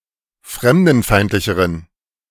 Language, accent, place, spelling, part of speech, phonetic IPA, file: German, Germany, Berlin, fremdenfeindlicheren, adjective, [ˈfʁɛmdn̩ˌfaɪ̯ntlɪçəʁən], De-fremdenfeindlicheren.ogg
- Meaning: inflection of fremdenfeindlich: 1. strong genitive masculine/neuter singular comparative degree 2. weak/mixed genitive/dative all-gender singular comparative degree